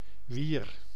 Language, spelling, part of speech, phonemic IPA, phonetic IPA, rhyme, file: Dutch, wier, noun / pronoun, /ʋir/, [ʋiːr], -ir, Nl-wier.ogg
- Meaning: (noun) seaweed; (pronoun) whose (feminine, plural)